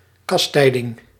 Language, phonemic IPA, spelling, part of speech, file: Dutch, /kɑsˈtɛi̯.dɪŋ/, kastijding, noun, Nl-kastijding.ogg
- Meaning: chastisement, punishment